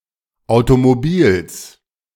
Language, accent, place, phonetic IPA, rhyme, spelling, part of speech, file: German, Germany, Berlin, [aʊ̯tomoˈbiːls], -iːls, Automobils, noun, De-Automobils.ogg
- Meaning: genitive singular of Automobil